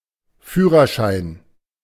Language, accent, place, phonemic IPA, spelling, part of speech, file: German, Germany, Berlin, /ˈfyːrərˌʃaɪ̯n/, Führerschein, noun, De-Führerschein.ogg
- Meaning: driver's license (US), driver's licence (Aus), driving licence (UK)